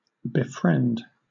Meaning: 1. To become a friend of (someone), to make friends with (someone) 2. To act as a friend to (someone, especially a client) by providing companionship and support; to assist, to help
- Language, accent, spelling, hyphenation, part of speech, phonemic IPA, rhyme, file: English, Southern England, befriend, be‧friend, verb, /bɪˈfɹɛnd/, -ɛnd, LL-Q1860 (eng)-befriend.wav